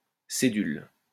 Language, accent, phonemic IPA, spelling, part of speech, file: French, France, /se.dyl/, cédule, noun, LL-Q150 (fra)-cédule.wav
- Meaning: 1. debt certificate, borrower's note, payment agreement 2. note 3. schedule